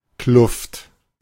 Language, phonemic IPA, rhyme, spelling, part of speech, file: German, /klʊft/, -ʊft, Kluft, noun, De-Kluft.ogg
- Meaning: 1. cleft, fissure, joint 2. gap, gulf, rift